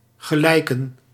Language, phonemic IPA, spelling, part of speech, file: Dutch, /ɣəˈlɛi̯kə(n)/, gelijken, verb, Nl-gelijken.ogg
- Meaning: to resemble